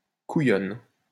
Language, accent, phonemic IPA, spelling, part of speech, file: French, France, /ku.jɔn/, couillonne, noun / adjective, LL-Q150 (fra)-couillonne.wav
- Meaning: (noun) female equivalent of couillon; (adjective) feminine singular of couillon